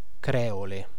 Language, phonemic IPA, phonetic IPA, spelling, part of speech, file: Italian, /ˈkrɛ.o.le/, [ˈkrɛːole], creole, adjective / noun, It-creole.ogg